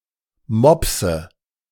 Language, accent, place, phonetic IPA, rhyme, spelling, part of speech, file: German, Germany, Berlin, [ˈmɔpsə], -ɔpsə, Mopse, noun, De-Mopse.ogg
- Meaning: dative singular of Mops